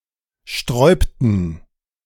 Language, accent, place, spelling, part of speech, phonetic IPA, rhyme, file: German, Germany, Berlin, sträubten, verb, [ˈʃtʁɔɪ̯ptn̩], -ɔɪ̯ptn̩, De-sträubten.ogg
- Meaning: inflection of sträuben: 1. first/third-person plural preterite 2. first/third-person plural subjunctive II